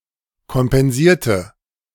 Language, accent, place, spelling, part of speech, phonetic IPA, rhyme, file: German, Germany, Berlin, kompensierte, adjective / verb, [kɔmpɛnˈziːɐ̯tə], -iːɐ̯tə, De-kompensierte.ogg
- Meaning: inflection of kompensieren: 1. first/third-person singular preterite 2. first/third-person singular subjunctive II